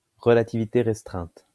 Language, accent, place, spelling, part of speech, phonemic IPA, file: French, France, Lyon, relativité restreinte, noun, /ʁə.la.ti.vi.te ʁɛs.tʁɛ̃t/, LL-Q150 (fra)-relativité restreinte.wav
- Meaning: special relativity